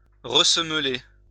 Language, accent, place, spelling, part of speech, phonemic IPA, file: French, France, Lyon, ressemeler, verb, /ʁə.sə.m(ə).le/, LL-Q150 (fra)-ressemeler.wav
- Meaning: to resole